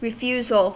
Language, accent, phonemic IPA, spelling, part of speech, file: English, US, /ɹɪˈfjuːzl̩/, refusal, noun, En-us-refusal.ogg
- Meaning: 1. The act of refusing 2. Depth or point at which well or borehole drilling cannot continue